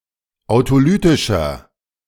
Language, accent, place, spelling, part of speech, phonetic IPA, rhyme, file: German, Germany, Berlin, autolytischer, adjective, [aʊ̯toˈlyːtɪʃɐ], -yːtɪʃɐ, De-autolytischer.ogg
- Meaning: inflection of autolytisch: 1. strong/mixed nominative masculine singular 2. strong genitive/dative feminine singular 3. strong genitive plural